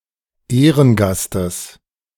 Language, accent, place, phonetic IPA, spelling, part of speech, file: German, Germany, Berlin, [ˈeːʁənˌɡastəs], Ehrengastes, noun, De-Ehrengastes.ogg
- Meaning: genitive singular of Ehrengast